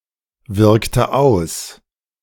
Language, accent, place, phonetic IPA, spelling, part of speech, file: German, Germany, Berlin, [ˌvɪʁktə ˈaʊ̯s], wirkte aus, verb, De-wirkte aus.ogg
- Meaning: inflection of auswirken: 1. first/third-person singular preterite 2. first/third-person singular subjunctive II